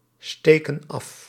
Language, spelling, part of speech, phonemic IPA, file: Dutch, steken af, verb, /ˈstekə(n) ˈɑf/, Nl-steken af.ogg
- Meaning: inflection of afsteken: 1. plural present indicative 2. plural present subjunctive